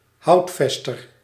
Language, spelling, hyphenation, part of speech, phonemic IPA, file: Dutch, houtvester, hout‧ves‧ter, noun, /ˈɦɑu̯tˌfɛs.tər/, Nl-houtvester.ogg
- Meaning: forester